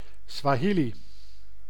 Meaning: Swahili (language)
- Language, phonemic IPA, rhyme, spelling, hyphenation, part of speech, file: Dutch, /ˌsʋaːˈɦi.li/, -ili, Swahili, Swa‧hi‧li, proper noun, Nl-Swahili.ogg